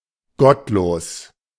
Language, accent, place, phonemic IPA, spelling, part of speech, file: German, Germany, Berlin, /ˈɡɔtˌloːs/, gottlos, adjective, De-gottlos.ogg
- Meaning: 1. godless, ungodly, not believing in God and/or disrespecting His commandments 2. evil, diabolic, reprobate 3. bad, pathetic, terrible